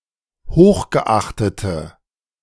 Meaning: inflection of hochgeachtet: 1. strong/mixed nominative/accusative feminine singular 2. strong nominative/accusative plural 3. weak nominative all-gender singular
- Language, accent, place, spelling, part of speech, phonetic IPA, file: German, Germany, Berlin, hochgeachtete, adjective, [ˈhoːxɡəˌʔaxtətə], De-hochgeachtete.ogg